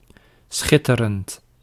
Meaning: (adjective) amazing, wonderful; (verb) present participle of schitteren
- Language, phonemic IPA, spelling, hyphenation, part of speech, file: Dutch, /ˈsxɪ.tə.rənt/, schitterend, schit‧te‧rend, adjective / verb, Nl-schitterend.ogg